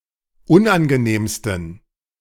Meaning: 1. superlative degree of unangenehm 2. inflection of unangenehm: strong genitive masculine/neuter singular superlative degree
- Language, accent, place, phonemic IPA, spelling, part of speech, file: German, Germany, Berlin, /ˈʊnʔanɡəˌneːmstn̩/, unangenehmsten, adjective, De-unangenehmsten.ogg